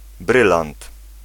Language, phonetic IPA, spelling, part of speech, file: Polish, [ˈbrɨlãnt], brylant, noun, Pl-brylant.ogg